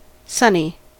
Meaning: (adjective) 1. Featuring a lot of sunshine 2. Receiving a lot of sunshine 3. Cheerful 4. Of or relating to the sun; proceeding from, or resembling the sun; shiny; radiant; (adverb) sunny side up
- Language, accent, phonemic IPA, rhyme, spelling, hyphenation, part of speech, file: English, US, /ˈsʌni/, -ʌni, sunny, sun‧ny, adjective / adverb / noun, En-us-sunny.ogg